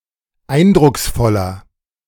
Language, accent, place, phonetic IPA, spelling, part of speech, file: German, Germany, Berlin, [ˈaɪ̯ndʁʊksˌfɔlɐ], eindrucksvoller, adjective, De-eindrucksvoller.ogg
- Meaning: 1. comparative degree of eindrucksvoll 2. inflection of eindrucksvoll: strong/mixed nominative masculine singular 3. inflection of eindrucksvoll: strong genitive/dative feminine singular